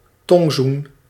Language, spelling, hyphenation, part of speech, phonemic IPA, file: Dutch, tongzoen, tong‧zoen, noun / verb, /ˈtɔŋ.zun/, Nl-tongzoen.ogg
- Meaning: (noun) French kiss; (verb) inflection of tongzoenen: 1. first-person singular present indicative 2. second-person singular present indicative 3. imperative